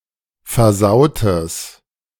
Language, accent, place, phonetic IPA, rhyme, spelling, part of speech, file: German, Germany, Berlin, [fɛɐ̯ˈzaʊ̯təs], -aʊ̯təs, versautes, adjective, De-versautes.ogg
- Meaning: strong/mixed nominative/accusative neuter singular of versaut